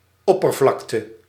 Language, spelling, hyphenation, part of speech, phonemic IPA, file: Dutch, oppervlakte, op‧per‧vlak‧te, noun, /ˈɔ.pərˌvlɑk.tə/, Nl-oppervlakte.ogg
- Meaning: 1. area 2. surface